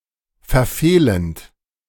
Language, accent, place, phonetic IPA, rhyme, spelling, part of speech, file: German, Germany, Berlin, [fɛɐ̯ˈfeːlənt], -eːlənt, verfehlend, verb, De-verfehlend.ogg
- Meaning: present participle of verfehlen